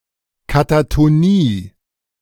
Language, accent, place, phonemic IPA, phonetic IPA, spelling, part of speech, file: German, Germany, Berlin, /katatoˈniː/, [kʰatʰatʰoˈniː], Katatonie, noun, De-Katatonie.ogg
- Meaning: catatonia